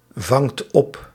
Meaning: inflection of opvangen: 1. second/third-person singular present indicative 2. plural imperative
- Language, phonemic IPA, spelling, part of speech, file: Dutch, /ˈvɑŋt ˈɔp/, vangt op, verb, Nl-vangt op.ogg